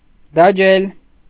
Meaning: 1. to print, imprint 2. to seal, stamp 3. to tattoo
- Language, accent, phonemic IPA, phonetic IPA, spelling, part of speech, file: Armenian, Eastern Armenian, /dɑˈd͡ʒel/, [dɑd͡ʒél], դաջել, verb, Hy-դաջել.ogg